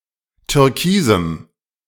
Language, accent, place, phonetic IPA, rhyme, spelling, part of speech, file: German, Germany, Berlin, [tʏʁˈkiːzm̩], -iːzm̩, türkisem, adjective, De-türkisem.ogg
- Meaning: strong dative masculine/neuter singular of türkis